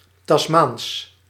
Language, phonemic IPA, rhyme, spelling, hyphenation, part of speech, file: Dutch, /tɑsˈmaːns/, -aːns, Tasmaans, Tas‧maans, adjective, Nl-Tasmaans.ogg
- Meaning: Tasmanian